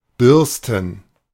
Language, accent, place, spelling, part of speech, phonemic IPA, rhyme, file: German, Germany, Berlin, bürsten, verb, /ˈbʏʁstən/, -ʏʁstən, De-bürsten.ogg
- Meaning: 1. to scrub, to clean a surface with a brush (but not usually teeth, for which putzen) 2. to brush (hair, fur)